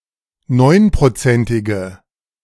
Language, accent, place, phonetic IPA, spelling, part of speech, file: German, Germany, Berlin, [ˈnɔɪ̯npʁoˌt͡sɛntɪɡə], neunprozentige, adjective, De-neunprozentige.ogg
- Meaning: inflection of neunprozentig: 1. strong/mixed nominative/accusative feminine singular 2. strong nominative/accusative plural 3. weak nominative all-gender singular